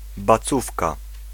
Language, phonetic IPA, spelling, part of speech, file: Polish, [baˈt͡sufka], bacówka, noun, Pl-bacówka.ogg